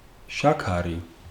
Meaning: sugar
- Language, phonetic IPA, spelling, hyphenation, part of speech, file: Georgian, [ʃäkʰäɾi], შაქარი, შა‧ქა‧რი, noun, Ka-შაქარი.ogg